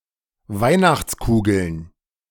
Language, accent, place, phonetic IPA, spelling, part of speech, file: German, Germany, Berlin, [ˈvaɪ̯naxt͡sˌkuːɡl̩n], Weihnachtskugeln, noun, De-Weihnachtskugeln.ogg
- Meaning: plural of Weihnachtskugel